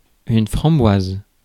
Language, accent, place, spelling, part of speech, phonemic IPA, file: French, France, Paris, framboise, noun / adjective, /fʁɑ̃.bwaz/, Fr-framboise.ogg
- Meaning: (noun) 1. raspberry (fruit) 2. framboise (a Belgian beer made by fermenting lambic with raspberry); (adjective) raspberry (colour)